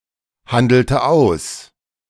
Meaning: inflection of aushandeln: 1. first/third-person singular preterite 2. first/third-person singular subjunctive II
- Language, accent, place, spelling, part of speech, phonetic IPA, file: German, Germany, Berlin, handelte aus, verb, [ˌhandl̩tə ˈaʊ̯s], De-handelte aus.ogg